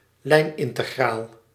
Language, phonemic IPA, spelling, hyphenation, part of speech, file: Dutch, /ˈlɛi̯n.ɪn.təˌɣraːl/, lijnintegraal, lijn‧in‧te‧graal, noun, Nl-lijnintegraal.ogg
- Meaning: line integral (integral of a curve or curve segment)